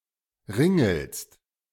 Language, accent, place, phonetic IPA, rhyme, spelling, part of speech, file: German, Germany, Berlin, [ˈʁɪŋl̩st], -ɪŋl̩st, ringelst, verb, De-ringelst.ogg
- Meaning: second-person singular present of ringeln